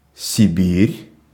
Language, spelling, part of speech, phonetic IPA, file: Russian, Сибирь, proper noun, [sʲɪˈbʲirʲ], Ru-Сибирь.ogg